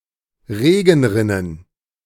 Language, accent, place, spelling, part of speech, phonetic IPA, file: German, Germany, Berlin, Regenrinnen, noun, [ˈʁeːɡn̩ˌʁɪnən], De-Regenrinnen.ogg
- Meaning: plural of Regenrinne